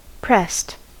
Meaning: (verb) simple past and past participle of press; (adjective) 1. Under strain or deprivation 2. Upset, bothered 3. Recruited by a press gang
- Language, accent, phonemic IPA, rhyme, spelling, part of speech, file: English, US, /pɹɛst/, -ɛst, pressed, verb / adjective, En-us-pressed.ogg